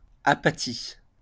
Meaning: apathy
- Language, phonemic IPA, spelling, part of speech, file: French, /a.pa.ti/, apathie, noun, LL-Q150 (fra)-apathie.wav